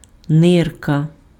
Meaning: kidney
- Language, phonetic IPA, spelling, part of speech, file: Ukrainian, [ˈnɪrkɐ], нирка, noun, Uk-нирка.ogg